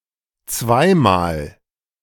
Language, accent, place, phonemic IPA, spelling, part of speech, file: German, Germany, Berlin, /ˈt͡svaɪ̯maːl/, zweimal, adverb, De-zweimal.ogg
- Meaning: twice